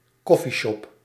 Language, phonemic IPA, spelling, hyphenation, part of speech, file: Dutch, /ˈkɔ.fiˌʃɔp/, coffeeshop, cof‧fee‧shop, noun, Nl-coffeeshop.ogg
- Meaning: an establishment that sells cannabis products and often also non-alcoholic refreshments